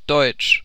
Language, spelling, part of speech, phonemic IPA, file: German, deutsch, adjective, /dɔʏ̯t͡ʃ/, CPIDL German - Deutsch.ogg
- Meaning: 1. German (of or pertaining to the German people) 2. German (of or pertaining to Germany) 3. German (of or pertaining to the German language)